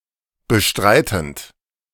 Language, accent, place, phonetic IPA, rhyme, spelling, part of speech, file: German, Germany, Berlin, [bəˈʃtʁaɪ̯tn̩t], -aɪ̯tn̩t, bestreitend, verb, De-bestreitend.ogg
- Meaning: present participle of bestreiten